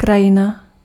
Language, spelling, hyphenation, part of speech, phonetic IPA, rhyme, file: Czech, krajina, kra‧ji‧na, noun, [ˈkrajɪna], -ɪna, Cs-krajina.ogg
- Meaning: 1. landscape, scenery 2. region, area 3. landscape (painting)